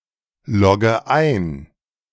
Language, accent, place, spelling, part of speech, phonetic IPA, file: German, Germany, Berlin, logge ein, verb, [ˌlɔɡə ˈaɪ̯n], De-logge ein.ogg
- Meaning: inflection of einloggen: 1. first-person singular present 2. first/third-person singular subjunctive I 3. singular imperative